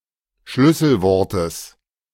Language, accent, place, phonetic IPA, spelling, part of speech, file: German, Germany, Berlin, [ˈʃlʏsl̩ˌvɔʁtəs], Schlüsselwortes, noun, De-Schlüsselwortes.ogg
- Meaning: genitive singular of Schlüsselwort